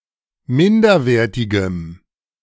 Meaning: strong dative masculine/neuter singular of minderwertig
- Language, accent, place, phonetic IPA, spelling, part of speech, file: German, Germany, Berlin, [ˈmɪndɐˌveːɐ̯tɪɡəm], minderwertigem, adjective, De-minderwertigem.ogg